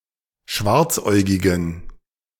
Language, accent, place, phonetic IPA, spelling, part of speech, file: German, Germany, Berlin, [ˈʃvaʁt͡sˌʔɔɪ̯ɡɪɡn̩], schwarzäugigen, adjective, De-schwarzäugigen.ogg
- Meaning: inflection of schwarzäugig: 1. strong genitive masculine/neuter singular 2. weak/mixed genitive/dative all-gender singular 3. strong/weak/mixed accusative masculine singular 4. strong dative plural